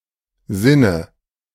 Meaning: 1. dative singular of Sinn 2. nominative/accusative/genitive plural of Sinn
- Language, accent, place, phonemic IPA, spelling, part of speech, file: German, Germany, Berlin, /ˈzɪnə/, Sinne, noun, De-Sinne.ogg